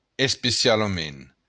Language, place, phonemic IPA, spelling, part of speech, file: Occitan, Béarn, /espesjaloˈmen/, especialament, adverb, LL-Q14185 (oci)-especialament.wav
- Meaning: especially